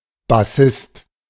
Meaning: bassist
- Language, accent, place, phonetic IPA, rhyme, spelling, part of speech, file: German, Germany, Berlin, [baˈsɪst], -ɪst, Bassist, noun, De-Bassist.ogg